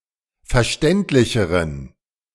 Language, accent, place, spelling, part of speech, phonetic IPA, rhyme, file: German, Germany, Berlin, verständlicheren, adjective, [fɛɐ̯ˈʃtɛntlɪçəʁən], -ɛntlɪçəʁən, De-verständlicheren.ogg
- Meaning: inflection of verständlich: 1. strong genitive masculine/neuter singular comparative degree 2. weak/mixed genitive/dative all-gender singular comparative degree